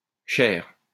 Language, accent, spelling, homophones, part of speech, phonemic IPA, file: French, France, chaire, chair / chaires / chairs / cher / chers / chère / chères / cherres, noun, /ʃɛʁ/, LL-Q150 (fra)-chaire.wav
- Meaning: 1. pulpit 2. rostrum 3. chair (of university) 4. throne (of the pope)